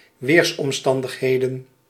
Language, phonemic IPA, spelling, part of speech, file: Dutch, /ˈwersɔmˌstɑndəxˌhedə(n)/, weersomstandigheden, noun, Nl-weersomstandigheden.ogg
- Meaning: plural of weersomstandigheid